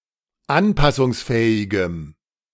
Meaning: strong dative masculine/neuter singular of anpassungsfähig
- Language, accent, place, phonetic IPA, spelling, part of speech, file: German, Germany, Berlin, [ˈanpasʊŋsˌfɛːɪɡəm], anpassungsfähigem, adjective, De-anpassungsfähigem.ogg